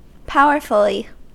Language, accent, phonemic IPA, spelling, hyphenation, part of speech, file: English, US, /ˈpaʊɚf(ə)li/, powerfully, pow‧er‧ful‧ly, adverb, En-us-powerfully.ogg
- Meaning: In a powerful manner